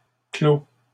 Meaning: third-person singular present indicative of clore
- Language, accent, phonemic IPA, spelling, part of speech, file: French, Canada, /klo/, clôt, verb, LL-Q150 (fra)-clôt.wav